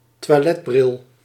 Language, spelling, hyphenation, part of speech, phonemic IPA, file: Dutch, toiletbril, toi‧let‧bril, noun, /tʋaːˈlɛtˌbrɪl/, Nl-toiletbril.ogg
- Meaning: a toilet seat